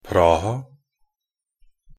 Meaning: Prague (the capital city of the Czech Republic)
- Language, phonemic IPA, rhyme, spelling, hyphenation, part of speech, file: Norwegian Bokmål, /ˈprɑːha/, -ɑːha, Praha, Pra‧ha, proper noun, Nb-praha.ogg